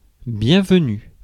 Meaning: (noun) welcome; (interjection) 1. welcome! 2. you're welcome (as an answer to thank you); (adjective) feminine singular of bienvenu
- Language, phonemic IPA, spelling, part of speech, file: French, /bjɛ̃.v(ə).ny/, bienvenue, noun / interjection / adjective, Fr-bienvenue.ogg